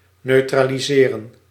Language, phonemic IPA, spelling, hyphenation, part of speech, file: Dutch, /ˌnøː.traː.liˈzeː.rə(n)/, neutraliseren, neu‧tra‧li‧se‧ren, verb, Nl-neutraliseren.ogg
- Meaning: to neutralise